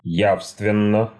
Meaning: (adverb) clearly, distinctly, perceptibly; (adjective) short neuter singular of я́вственный (jávstvennyj)
- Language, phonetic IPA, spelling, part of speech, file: Russian, [ˈjafstvʲɪn(ː)ə], явственно, adverb / adjective, Ru-явственно.ogg